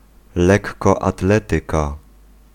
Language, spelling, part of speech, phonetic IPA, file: Polish, lekkoatletyka, noun, [ˌlɛkːɔaˈtlɛtɨka], Pl-lekkoatletyka.ogg